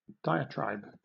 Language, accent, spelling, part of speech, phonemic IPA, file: English, Southern England, diatribe, noun, /ˈdaɪ.əˌtɹaɪb/, LL-Q1860 (eng)-diatribe.wav
- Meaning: 1. An abusive, bitter verbal or written attack, criticism or denunciation 2. A prolonged discourse; a long-winded speech